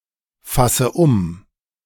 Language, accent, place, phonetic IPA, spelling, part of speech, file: German, Germany, Berlin, [ˌfasə ˈʊm], fasse um, verb, De-fasse um.ogg
- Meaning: inflection of umfassen: 1. first-person singular present 2. first/third-person singular subjunctive I 3. singular imperative